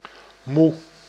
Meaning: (adjective) tired, weary; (noun) mother
- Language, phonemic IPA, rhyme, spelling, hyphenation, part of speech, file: Dutch, /mu/, -u, moe, moe, adjective / noun, Nl-moe.ogg